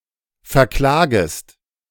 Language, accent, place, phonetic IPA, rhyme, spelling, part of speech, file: German, Germany, Berlin, [fɛɐ̯ˈklaːɡəst], -aːɡəst, verklagest, verb, De-verklagest.ogg
- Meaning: second-person singular subjunctive I of verklagen